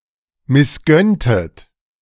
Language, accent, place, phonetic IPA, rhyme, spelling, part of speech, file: German, Germany, Berlin, [mɪsˈɡœntət], -œntət, missgönntet, verb, De-missgönntet.ogg
- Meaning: inflection of missgönnen: 1. second-person plural preterite 2. second-person plural subjunctive II